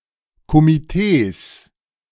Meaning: 1. genitive singular of Komitee 2. plural of Komitee
- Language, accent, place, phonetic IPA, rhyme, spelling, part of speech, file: German, Germany, Berlin, [komiˈteːs], -eːs, Komitees, noun, De-Komitees.ogg